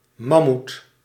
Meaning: mammoth
- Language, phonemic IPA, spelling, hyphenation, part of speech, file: Dutch, /ˈmɑ.mut/, mammoet, mam‧moet, noun, Nl-mammoet.ogg